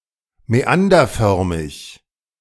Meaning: meandering
- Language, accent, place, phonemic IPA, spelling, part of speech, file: German, Germany, Berlin, /mɛˈandɐˌfœʁmɪç/, mäanderförmig, adjective, De-mäanderförmig.ogg